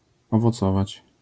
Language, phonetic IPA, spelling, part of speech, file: Polish, [ˌɔvɔˈt͡sɔvat͡ɕ], owocować, verb, LL-Q809 (pol)-owocować.wav